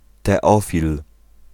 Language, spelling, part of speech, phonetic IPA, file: Polish, Teofil, proper noun / noun, [tɛˈɔfʲil], Pl-Teofil.ogg